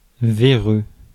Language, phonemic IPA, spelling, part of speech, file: French, /ve.ʁø/, véreux, adjective, Fr-véreux.ogg
- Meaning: 1. maggoty, worm-eaten 2. bent, dodgy, crooked, sheisty, morally corrupt